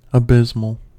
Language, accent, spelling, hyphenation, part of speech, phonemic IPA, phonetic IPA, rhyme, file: English, US, abysmal, a‧bys‧mal, adjective, /əˈbɪz.məl/, [əˈbɪz.ml̩], -ɪzməl, En-us-abysmal.ogg
- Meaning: 1. Pertaining to, or resembling an abyss 2. Extremely bad; terrible